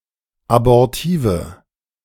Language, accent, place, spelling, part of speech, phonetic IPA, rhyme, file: German, Germany, Berlin, abortive, adjective, [abɔʁˈtiːvə], -iːvə, De-abortive.ogg
- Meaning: inflection of abortiv: 1. strong/mixed nominative/accusative feminine singular 2. strong nominative/accusative plural 3. weak nominative all-gender singular 4. weak accusative feminine/neuter singular